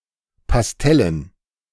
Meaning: pastel
- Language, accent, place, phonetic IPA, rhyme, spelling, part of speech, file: German, Germany, Berlin, [pasˈtɛlən], -ɛlən, pastellen, adjective, De-pastellen.ogg